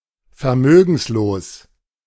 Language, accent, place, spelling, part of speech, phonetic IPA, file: German, Germany, Berlin, vermögenslos, adjective, [fɛɐ̯ˈmøːɡn̩sloːs], De-vermögenslos.ogg
- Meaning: 1. penniless, destitute 2. impotent